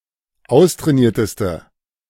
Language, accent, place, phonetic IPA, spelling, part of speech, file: German, Germany, Berlin, [ˈaʊ̯stʁɛːˌniːɐ̯təstə], austrainierteste, adjective, De-austrainierteste.ogg
- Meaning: inflection of austrainiert: 1. strong/mixed nominative/accusative feminine singular superlative degree 2. strong nominative/accusative plural superlative degree